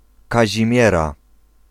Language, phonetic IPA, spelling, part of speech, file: Polish, [ˌkaʑĩˈmʲjɛra], Kazimiera, proper noun, Pl-Kazimiera.ogg